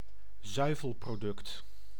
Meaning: dairy product
- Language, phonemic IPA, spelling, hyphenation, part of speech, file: Dutch, /ˈzœy̯.vəl.proːˌdʏkt/, zuivelproduct, zui‧vel‧pro‧duct, noun, Nl-zuivelproduct.ogg